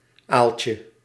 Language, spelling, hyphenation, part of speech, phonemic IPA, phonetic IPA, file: Dutch, aaltje, aal‧tje, noun, /ˈaːl.tjə/, [ˈaːl.cə], Nl-aaltje.ogg
- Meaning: 1. diminutive of aal 2. nematode, roundworm; animal of the phylum Nematoda